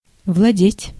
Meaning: 1. to own, to possess, to be master of, to be in possession of 2. to govern, to control 3. to master, to manage, to wield
- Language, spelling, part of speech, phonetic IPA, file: Russian, владеть, verb, [vɫɐˈdʲetʲ], Ru-владеть.ogg